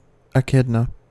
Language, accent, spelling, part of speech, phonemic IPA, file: English, US, echidna, noun, /əˈkɪdnə/, En-us-echidna.ogg
- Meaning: Any of the small spined monotremes in the family Tachyglossidae, the four extant species of which are found in Australia and southern New Guinea